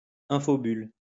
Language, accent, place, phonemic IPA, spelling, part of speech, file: French, France, Lyon, /ɛ̃.fɔ.byl/, infobulle, noun, LL-Q150 (fra)-infobulle.wav
- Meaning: tooltip